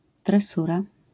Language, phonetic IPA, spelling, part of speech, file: Polish, [trɛˈsura], tresura, noun, LL-Q809 (pol)-tresura.wav